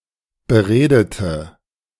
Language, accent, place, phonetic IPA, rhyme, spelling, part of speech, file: German, Germany, Berlin, [bəˈʁeːdətə], -eːdətə, beredete, adjective / verb, De-beredete.ogg
- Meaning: inflection of beredet: 1. strong/mixed nominative/accusative feminine singular 2. strong nominative/accusative plural 3. weak nominative all-gender singular 4. weak accusative feminine/neuter singular